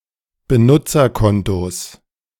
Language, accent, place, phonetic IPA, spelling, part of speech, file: German, Germany, Berlin, [bəˈnʊt͡sɐˌkɔntos], Benutzerkontos, noun, De-Benutzerkontos.ogg
- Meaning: genitive singular of Benutzerkonto